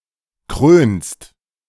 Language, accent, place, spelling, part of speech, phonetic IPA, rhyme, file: German, Germany, Berlin, krönst, verb, [kʁøːnst], -øːnst, De-krönst.ogg
- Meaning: second-person singular present of krönen